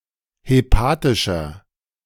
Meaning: inflection of hepatisch: 1. strong/mixed nominative masculine singular 2. strong genitive/dative feminine singular 3. strong genitive plural
- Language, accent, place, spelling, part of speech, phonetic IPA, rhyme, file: German, Germany, Berlin, hepatischer, adjective, [heˈpaːtɪʃɐ], -aːtɪʃɐ, De-hepatischer.ogg